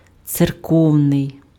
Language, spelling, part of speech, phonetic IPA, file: Ukrainian, церковний, adjective, [t͡serˈkɔu̯nei̯], Uk-церковний.ogg
- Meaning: ecclesiastical, church (attributive) (of or pertaining to the church)